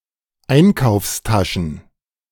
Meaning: plural of Einkaufstasche
- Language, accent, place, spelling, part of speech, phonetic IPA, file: German, Germany, Berlin, Einkaufstaschen, noun, [ˈaɪ̯nkaʊ̯fsˌtaʃn̩], De-Einkaufstaschen.ogg